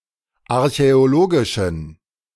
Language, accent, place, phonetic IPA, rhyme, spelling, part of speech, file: German, Germany, Berlin, [aʁçɛoˈloːɡɪʃn̩], -oːɡɪʃn̩, archäologischen, adjective, De-archäologischen.ogg
- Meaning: inflection of archäologisch: 1. strong genitive masculine/neuter singular 2. weak/mixed genitive/dative all-gender singular 3. strong/weak/mixed accusative masculine singular 4. strong dative plural